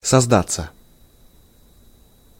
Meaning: 1. to form, to be created 2. passive of созда́ть (sozdátʹ)
- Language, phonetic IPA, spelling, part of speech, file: Russian, [sɐzˈdat͡sːə], создаться, verb, Ru-создаться.ogg